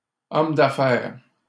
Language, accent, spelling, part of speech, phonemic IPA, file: French, Canada, homme d'affaires, noun, /ɔm d‿a.fɛʁ/, LL-Q150 (fra)-homme d'affaires.wav
- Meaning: a businessman